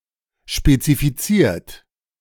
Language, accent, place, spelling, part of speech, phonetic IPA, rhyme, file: German, Germany, Berlin, spezifiziert, verb, [ʃpet͡sifiˈt͡siːɐ̯t], -iːɐ̯t, De-spezifiziert.ogg
- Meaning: 1. past participle of spezifizieren 2. inflection of spezifizieren: third-person singular present 3. inflection of spezifizieren: second-person plural present